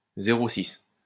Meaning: mobile phone number, cellphone number
- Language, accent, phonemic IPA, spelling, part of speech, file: French, France, /ze.ʁo sis/, 06, noun, LL-Q150 (fra)-06.wav